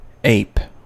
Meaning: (noun) 1. An anthropoid of the superfamily Hominoidea, generally larger than monkeys and distinguished from them by having no tail 2. A Hominoidea primate other than a human
- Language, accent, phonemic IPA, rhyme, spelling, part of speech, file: English, US, /eɪp/, -eɪp, ape, noun / verb / adjective, En-us-ape.ogg